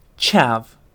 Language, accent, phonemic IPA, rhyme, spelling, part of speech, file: English, UK, /t͡ʃæv/, -æv, chav, noun, En-uk-chav.ogg
- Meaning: A working-class youth, especially one associated with aggression, poor education, and a perceived "common" taste in clothing and lifestyle